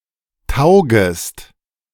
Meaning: second-person singular subjunctive I of taugen
- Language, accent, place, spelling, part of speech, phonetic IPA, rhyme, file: German, Germany, Berlin, taugest, verb, [ˈtaʊ̯ɡəst], -aʊ̯ɡəst, De-taugest.ogg